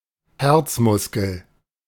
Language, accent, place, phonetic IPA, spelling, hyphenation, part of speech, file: German, Germany, Berlin, [ˈhɛʁt͡sˌmʊskl̩], Herzmuskel, Herz‧mus‧kel, noun, De-Herzmuskel.ogg
- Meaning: cardiac muscle